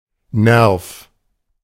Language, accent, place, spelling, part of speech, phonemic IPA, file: German, Germany, Berlin, Nerv, noun, /nɛrf/, De-Nerv.ogg
- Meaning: nerve